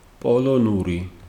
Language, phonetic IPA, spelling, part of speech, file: Georgian, [pʼo̞ɫo̞nuɾi], პოლონური, adjective / proper noun, Ka-პოლონური.ogg
- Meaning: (adjective) Polish (inanimate things and non-human animals); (proper noun) Polish language